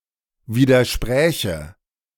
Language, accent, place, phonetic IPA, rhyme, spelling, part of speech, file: German, Germany, Berlin, [ˌviːdɐˈʃpʁɛːçə], -ɛːçə, widerspräche, verb, De-widerspräche.ogg
- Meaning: first/third-person singular subjunctive II of widersprechen